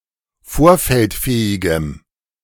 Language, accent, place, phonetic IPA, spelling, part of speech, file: German, Germany, Berlin, [ˈfoːɐ̯fɛltˌfɛːɪɡəm], vorfeldfähigem, adjective, De-vorfeldfähigem.ogg
- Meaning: strong dative masculine/neuter singular of vorfeldfähig